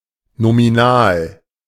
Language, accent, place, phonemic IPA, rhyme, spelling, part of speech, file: German, Germany, Berlin, /nomiˈnaːl/, -aːl, nominal, adjective, De-nominal.ogg
- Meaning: nominal